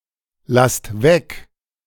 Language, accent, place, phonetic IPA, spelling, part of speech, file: German, Germany, Berlin, [ˌlast ˈvɛk], lasst weg, verb, De-lasst weg.ogg
- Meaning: inflection of weglassen: 1. second-person plural present 2. plural imperative